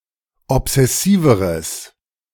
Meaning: strong/mixed nominative/accusative neuter singular comparative degree of obsessiv
- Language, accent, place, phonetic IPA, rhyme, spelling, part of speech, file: German, Germany, Berlin, [ɔpz̥ɛˈsiːvəʁəs], -iːvəʁəs, obsessiveres, adjective, De-obsessiveres.ogg